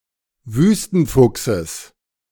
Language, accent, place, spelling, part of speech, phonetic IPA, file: German, Germany, Berlin, Wüstenfuchses, noun, [ˈvyːstn̩ˌfʊksəs], De-Wüstenfuchses.ogg
- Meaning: genitive singular of Wüstenfuchs